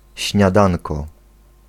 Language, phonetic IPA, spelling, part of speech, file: Polish, [ɕɲaˈdãnkɔ], śniadanko, noun, Pl-śniadanko.ogg